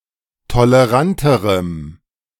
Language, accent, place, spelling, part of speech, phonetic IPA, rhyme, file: German, Germany, Berlin, toleranterem, adjective, [toləˈʁantəʁəm], -antəʁəm, De-toleranterem.ogg
- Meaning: strong dative masculine/neuter singular comparative degree of tolerant